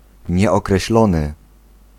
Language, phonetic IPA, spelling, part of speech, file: Polish, [ˌɲɛɔkrɛɕˈlɔ̃nɨ], nieokreślony, adjective, Pl-nieokreślony.ogg